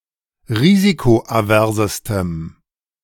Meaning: strong dative masculine/neuter singular superlative degree of risikoavers
- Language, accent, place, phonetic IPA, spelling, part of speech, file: German, Germany, Berlin, [ˈʁiːzikoʔaˌvɛʁzəstəm], risikoaversestem, adjective, De-risikoaversestem.ogg